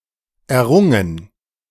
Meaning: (verb) past participle of erringen; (adjective) gained, achieved
- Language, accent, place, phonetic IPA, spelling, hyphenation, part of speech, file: German, Germany, Berlin, [ɛɐ̯ˈʁʊŋən], errungen, er‧run‧gen, verb / adjective, De-errungen.ogg